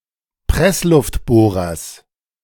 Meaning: genitive of Pressluftbohrer
- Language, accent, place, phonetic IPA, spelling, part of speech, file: German, Germany, Berlin, [ˈpʁɛslʊftˌboːʁɐs], Pressluftbohrers, noun, De-Pressluftbohrers.ogg